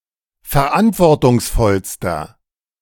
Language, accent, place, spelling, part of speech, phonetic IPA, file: German, Germany, Berlin, verantwortungsvollster, adjective, [fɛɐ̯ˈʔantvɔʁtʊŋsˌfɔlstɐ], De-verantwortungsvollster.ogg
- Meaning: inflection of verantwortungsvoll: 1. strong/mixed nominative masculine singular superlative degree 2. strong genitive/dative feminine singular superlative degree